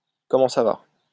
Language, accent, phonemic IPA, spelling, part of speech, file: French, France, /kɔ.mɑ̃ sa va/, comment ça va, phrase, LL-Q150 (fra)-comment ça va.wav
- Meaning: how are you